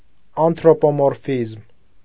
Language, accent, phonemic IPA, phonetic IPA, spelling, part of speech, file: Armenian, Eastern Armenian, /ɑntʰɾopomoɾˈfizm/, [ɑntʰɾopomoɾfízm], անթրոպոմորֆիզմ, noun, Hy-անթրոպոմորֆիզմ.ogg
- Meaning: 1. anthropomorphism (the attribution of human characteristics to which is not human) 2. anthropomorphism (the attribution of human characteristics to divine beings)